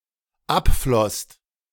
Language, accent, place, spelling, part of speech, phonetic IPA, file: German, Germany, Berlin, abflosst, verb, [ˈapˌflɔst], De-abflosst.ogg
- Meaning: second-person singular/plural dependent preterite of abfließen